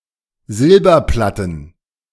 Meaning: plural of Silberplatte
- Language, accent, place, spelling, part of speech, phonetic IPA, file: German, Germany, Berlin, Silberplatten, noun, [ˈzɪlbɐˌplatn̩], De-Silberplatten.ogg